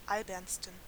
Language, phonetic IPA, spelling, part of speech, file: German, [ˈalbɐnstn̩], albernsten, adjective, De-albernsten.ogg
- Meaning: 1. superlative degree of albern 2. inflection of albern: strong genitive masculine/neuter singular superlative degree